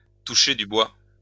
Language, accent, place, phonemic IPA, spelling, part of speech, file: French, France, Lyon, /tu.ʃe dy bwa/, toucher du bois, verb, LL-Q150 (fra)-toucher du bois.wav
- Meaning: to knock on wood